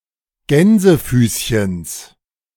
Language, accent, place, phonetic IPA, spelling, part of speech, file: German, Germany, Berlin, [ˈɡɛnzəfyːsçəns], Gänsefüßchens, noun, De-Gänsefüßchens.ogg
- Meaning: genitive singular of Gänsefüßchen